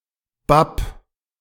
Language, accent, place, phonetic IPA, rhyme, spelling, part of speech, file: German, Germany, Berlin, [bap], -ap, bapp, verb, De-bapp.ogg
- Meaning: 1. singular imperative of bappen 2. first-person singular present of bappen